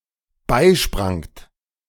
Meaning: second-person plural dependent preterite of beispringen
- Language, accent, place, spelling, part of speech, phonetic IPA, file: German, Germany, Berlin, beisprangt, verb, [ˈbaɪ̯ˌʃpʁaŋt], De-beisprangt.ogg